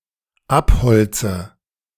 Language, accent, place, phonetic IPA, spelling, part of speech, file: German, Germany, Berlin, [ˈapˌhɔlt͡sə], abholze, verb, De-abholze.ogg
- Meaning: inflection of abholzen: 1. first-person singular dependent present 2. first/third-person singular dependent subjunctive I